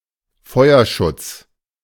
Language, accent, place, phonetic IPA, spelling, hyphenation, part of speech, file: German, Germany, Berlin, [ˈfɔɪ̯ɐˌʃʊt͡s], Feuerschutz, Feu‧er‧schutz, noun, De-Feuerschutz.ogg
- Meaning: 1. fire prevention 2. covering fire